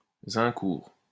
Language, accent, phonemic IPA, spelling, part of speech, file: French, France, /zɛ̃.kuʁ/, Zincourt, proper noun, LL-Q150 (fra)-Zincourt.wav
- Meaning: a small village in the Vosges department of Grand Est